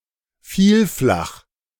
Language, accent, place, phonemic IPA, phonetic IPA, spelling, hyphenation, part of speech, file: German, Germany, Berlin, /ˈfiːlˌflax/, [ˈfiːlˌflaχ], Vielflach, Viel‧flach, noun, De-Vielflach.ogg
- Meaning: polyhedron